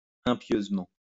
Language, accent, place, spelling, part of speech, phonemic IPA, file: French, France, Lyon, impieusement, adverb, /ɛ̃.pjøz.mɑ̃/, LL-Q150 (fra)-impieusement.wav
- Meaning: impiously